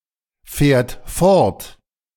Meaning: third-person singular present of fortfahren
- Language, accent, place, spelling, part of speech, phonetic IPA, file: German, Germany, Berlin, fährt fort, verb, [ˌfɛːɐ̯t ˈfɔʁt], De-fährt fort.ogg